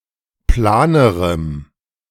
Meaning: strong dative masculine/neuter singular comparative degree of plan
- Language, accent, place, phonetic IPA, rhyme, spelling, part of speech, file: German, Germany, Berlin, [ˈplaːnəʁəm], -aːnəʁəm, planerem, adjective, De-planerem.ogg